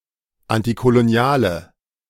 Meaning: inflection of antikolonial: 1. strong/mixed nominative/accusative feminine singular 2. strong nominative/accusative plural 3. weak nominative all-gender singular
- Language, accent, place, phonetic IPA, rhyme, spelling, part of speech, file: German, Germany, Berlin, [ˌantikoloˈni̯aːlə], -aːlə, antikoloniale, adjective, De-antikoloniale.ogg